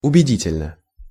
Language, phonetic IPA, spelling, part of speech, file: Russian, [ʊbʲɪˈdʲitʲɪlʲnə], убедительно, adverb, Ru-убедительно.ogg
- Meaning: 1. earnestly 2. convincingly